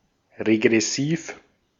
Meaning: regressive
- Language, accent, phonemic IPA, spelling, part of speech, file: German, Austria, /ʁeɡʁɛˈsiːf/, regressiv, adjective, De-at-regressiv.ogg